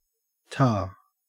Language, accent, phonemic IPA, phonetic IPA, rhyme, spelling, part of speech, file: English, Australia, /tɑː/, [tʰɑː], -ɑː, ta, interjection / noun, En-au-ta.ogg
- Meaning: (interjection) 1. Thanks 2. give (imperative); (noun) In solfège, the lowered seventh note of a major scale (the note B-flat in the fixed-do system): te